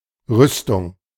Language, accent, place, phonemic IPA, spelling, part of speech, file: German, Germany, Berlin, /ˈrʏstʊŋ/, Rüstung, noun, De-Rüstung.ogg
- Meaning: 1. armament (the act of acquiring or producing weapons) 2. arms industry, ellipsis of Rüstungsindustrie 3. suit of armour 4. scaffolding